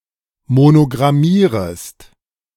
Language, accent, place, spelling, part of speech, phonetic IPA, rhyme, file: German, Germany, Berlin, monogrammierest, verb, [monoɡʁaˈmiːʁəst], -iːʁəst, De-monogrammierest.ogg
- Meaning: second-person singular subjunctive I of monogrammieren